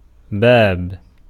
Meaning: 1. door, gate 2. opening, gateway 3. entrance 4. gullet, weasand 5. opportunity, a chance, opening 6. military tactic, maneuver, an opening to use a strategy 7. chapter, section, column
- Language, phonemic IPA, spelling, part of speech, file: Arabic, /baːb/, باب, noun, Ar-باب.ogg